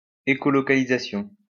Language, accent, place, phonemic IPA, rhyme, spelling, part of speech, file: French, France, Lyon, /e.kɔ.lɔ.ka.li.za.sjɔ̃/, -ɔ̃, écholocalisation, noun, LL-Q150 (fra)-écholocalisation.wav
- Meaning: echolocation, echolocalization